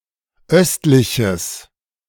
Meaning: strong/mixed nominative/accusative neuter singular of östlich
- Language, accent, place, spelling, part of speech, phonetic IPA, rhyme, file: German, Germany, Berlin, östliches, adjective, [ˈœstlɪçəs], -œstlɪçəs, De-östliches.ogg